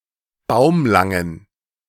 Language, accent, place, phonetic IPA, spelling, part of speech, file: German, Germany, Berlin, [ˈbaʊ̯mlaŋən], baumlangen, adjective, De-baumlangen.ogg
- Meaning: inflection of baumlang: 1. strong genitive masculine/neuter singular 2. weak/mixed genitive/dative all-gender singular 3. strong/weak/mixed accusative masculine singular 4. strong dative plural